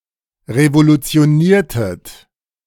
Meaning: inflection of revolutionieren: 1. second-person plural preterite 2. second-person plural subjunctive II
- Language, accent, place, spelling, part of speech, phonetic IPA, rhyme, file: German, Germany, Berlin, revolutioniertet, verb, [ʁevolut͡si̯oˈniːɐ̯tət], -iːɐ̯tət, De-revolutioniertet.ogg